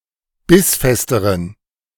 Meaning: inflection of bissfest: 1. strong genitive masculine/neuter singular comparative degree 2. weak/mixed genitive/dative all-gender singular comparative degree
- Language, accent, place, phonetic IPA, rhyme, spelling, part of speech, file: German, Germany, Berlin, [ˈbɪsˌfɛstəʁən], -ɪsfɛstəʁən, bissfesteren, adjective, De-bissfesteren.ogg